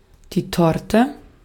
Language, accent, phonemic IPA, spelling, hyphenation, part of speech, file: German, Austria, /ˈtɔrtɛ/, Torte, Tor‧te, noun, De-at-Torte.ogg
- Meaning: a typically multilayered, often round cake with fillings of all kinds, often with icing and garnish